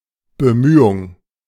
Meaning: effort; endeavor
- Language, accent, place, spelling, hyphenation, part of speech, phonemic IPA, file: German, Germany, Berlin, Bemühung, Be‧müh‧ung, noun, /ˌbəˈmyːʊŋ/, De-Bemühung.ogg